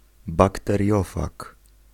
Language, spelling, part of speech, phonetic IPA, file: Polish, bakteriofag, noun, [ˌbaktɛrʲˈjɔfak], Pl-bakteriofag.ogg